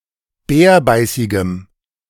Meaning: strong dative masculine/neuter singular of bärbeißig
- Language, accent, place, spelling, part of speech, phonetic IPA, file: German, Germany, Berlin, bärbeißigem, adjective, [ˈbɛːɐ̯ˌbaɪ̯sɪɡəm], De-bärbeißigem.ogg